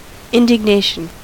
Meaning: 1. An anger aroused by something perceived as an indignity, notably an offense or injustice 2. A self-righteous anger or disgust
- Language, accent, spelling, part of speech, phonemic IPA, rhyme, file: English, US, indignation, noun, /ˌɪn.dɪɡˈneɪ.ʃən/, -eɪʃən, En-us-indignation.ogg